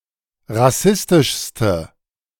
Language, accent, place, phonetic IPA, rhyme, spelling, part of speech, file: German, Germany, Berlin, [ʁaˈsɪstɪʃstə], -ɪstɪʃstə, rassistischste, adjective, De-rassistischste.ogg
- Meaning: inflection of rassistisch: 1. strong/mixed nominative/accusative feminine singular superlative degree 2. strong nominative/accusative plural superlative degree